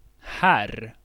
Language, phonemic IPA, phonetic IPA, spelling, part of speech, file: Swedish, /ˈhɛr/, [hærː], herr, noun, Sv-herr.ogg
- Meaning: Mr., Mister, gentleman, sir (respectful term of address or title for an adult male)